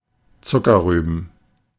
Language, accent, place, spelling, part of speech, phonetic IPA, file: German, Germany, Berlin, Zuckerrüben, noun, [ˈt͡sʊkɐˌʁyːbn̩], De-Zuckerrüben.ogg
- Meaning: plural of Zuckerrübe